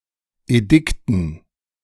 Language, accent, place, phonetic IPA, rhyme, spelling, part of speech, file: German, Germany, Berlin, [eˈdɪktn̩], -ɪktn̩, Edikten, noun, De-Edikten.ogg
- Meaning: dative plural of Edikt